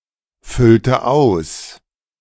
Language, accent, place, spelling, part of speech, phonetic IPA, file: German, Germany, Berlin, füllte aus, verb, [ˈfʏltə ˌaʊ̯s], De-füllte aus.ogg
- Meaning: inflection of ausfüllen: 1. first/third-person singular preterite 2. first/third-person singular subjunctive II